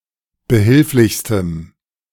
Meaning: strong dative masculine/neuter singular superlative degree of behilflich
- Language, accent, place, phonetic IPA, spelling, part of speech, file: German, Germany, Berlin, [bəˈhɪlflɪçstəm], behilflichstem, adjective, De-behilflichstem.ogg